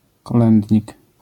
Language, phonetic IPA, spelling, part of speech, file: Polish, [kɔˈlɛ̃ndʲɲik], kolędnik, noun, LL-Q809 (pol)-kolędnik.wav